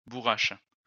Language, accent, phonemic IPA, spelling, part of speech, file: French, France, /bu.ʁaʃ/, bourrache, noun, LL-Q150 (fra)-bourrache.wav
- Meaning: borage (Borago officinalis)